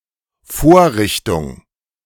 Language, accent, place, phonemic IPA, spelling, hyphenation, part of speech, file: German, Germany, Berlin, /ˈfoːɐ̯ˌʁɪçtʊŋ/, Vorrichtung, Vor‧rich‧tung, noun, De-Vorrichtung.ogg
- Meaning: 1. device, rig, contrivance, facility 2. jig (tool)